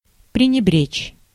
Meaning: 1. to neglect, to disregard, to disdain, to slight 2. to scorn, to ignore, to despise
- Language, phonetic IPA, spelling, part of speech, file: Russian, [prʲɪnʲɪˈbrʲet͡ɕ], пренебречь, verb, Ru-пренебречь.ogg